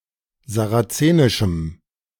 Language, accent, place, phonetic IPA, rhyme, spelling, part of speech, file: German, Germany, Berlin, [zaʁaˈt͡seːnɪʃm̩], -eːnɪʃm̩, sarazenischem, adjective, De-sarazenischem.ogg
- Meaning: strong dative masculine/neuter singular of sarazenisch